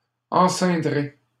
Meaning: first-person singular simple future of enceindre
- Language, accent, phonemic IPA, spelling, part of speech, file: French, Canada, /ɑ̃.sɛ̃.dʁe/, enceindrai, verb, LL-Q150 (fra)-enceindrai.wav